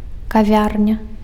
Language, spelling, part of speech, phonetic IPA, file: Belarusian, кавярня, noun, [kaˈvʲarnʲa], Be-кавярня.ogg
- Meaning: café